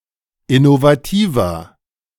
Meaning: 1. comparative degree of innovativ 2. inflection of innovativ: strong/mixed nominative masculine singular 3. inflection of innovativ: strong genitive/dative feminine singular
- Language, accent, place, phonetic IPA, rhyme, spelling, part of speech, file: German, Germany, Berlin, [ɪnovaˈtiːvɐ], -iːvɐ, innovativer, adjective, De-innovativer.ogg